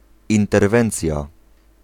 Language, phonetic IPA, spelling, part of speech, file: Polish, [ˌĩntɛrˈvɛ̃nt͡sʲja], interwencja, noun, Pl-interwencja.ogg